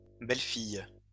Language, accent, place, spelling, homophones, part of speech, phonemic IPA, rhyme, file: French, France, Lyon, belles-filles, belle-fille, noun, /bɛl.fij/, -ij, LL-Q150 (fra)-belles-filles.wav
- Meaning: plural of belle-fille